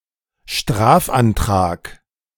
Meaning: 1. application for legal action 2. sentence demanded
- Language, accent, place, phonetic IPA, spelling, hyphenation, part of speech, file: German, Germany, Berlin, [ˈʃtʁaːfʔanˌtʁaːk], Strafantrag, Straf‧an‧trag, noun, De-Strafantrag.ogg